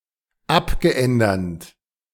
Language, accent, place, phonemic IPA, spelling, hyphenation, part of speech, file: German, Germany, Berlin, /ˈapɡəˌ.ɛndɐt/, abgeändert, ab‧ge‧än‧dert, verb / adjective, De-abgeändert.ogg
- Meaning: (verb) past participle of abändern; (adjective) changed, altered